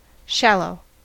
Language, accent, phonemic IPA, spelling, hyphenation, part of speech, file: English, US, /ˈʃæloʊ/, shallow, shal‧low, adjective / noun / verb, En-us-shallow.ogg
- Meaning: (adjective) 1. Having little depth; significantly less deep than wide 2. Extending not far downward 3. Concerned mainly with superficial matters 4. Lacking interest or substance; flat; one-dimensional